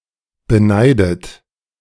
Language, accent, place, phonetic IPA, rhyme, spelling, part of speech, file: German, Germany, Berlin, [bəˈnaɪ̯dət], -aɪ̯dət, beneidet, verb, De-beneidet.ogg
- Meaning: past participle of beneiden